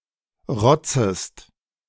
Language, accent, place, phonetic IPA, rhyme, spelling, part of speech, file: German, Germany, Berlin, [ˈʁɔt͡səst], -ɔt͡səst, rotzest, verb, De-rotzest.ogg
- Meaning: second-person singular subjunctive I of rotzen